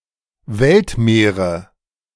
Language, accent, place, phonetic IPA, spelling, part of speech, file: German, Germany, Berlin, [ˈvɛltˌmeːʁə], Weltmeere, noun, De-Weltmeere.ogg
- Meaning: nominative/accusative/genitive plural of Weltmeer